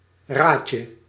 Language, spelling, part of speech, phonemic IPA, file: Dutch, raadje, noun, /ˈracə/, Nl-raadje.ogg
- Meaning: 1. diminutive of raad 2. diminutive of rad